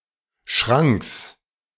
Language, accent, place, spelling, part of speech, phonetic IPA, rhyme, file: German, Germany, Berlin, Schranks, noun, [ʃʁaŋks], -aŋks, De-Schranks.ogg
- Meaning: genitive singular of Schrank